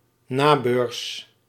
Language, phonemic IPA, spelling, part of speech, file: Dutch, /ˈnabørs/, nabeurs, adverb, Nl-nabeurs.ogg
- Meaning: after the closing of the stock exchange